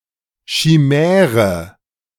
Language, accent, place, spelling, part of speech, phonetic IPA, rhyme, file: German, Germany, Berlin, Schimäre, noun, [ʃiˈmɛːʁə], -ɛːʁə, De-Schimäre.ogg
- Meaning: chimera (creature of the imagination)